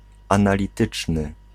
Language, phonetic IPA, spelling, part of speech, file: Polish, [ˌãnalʲiˈtɨt͡ʃnɨ], analityczny, adjective, Pl-analityczny.ogg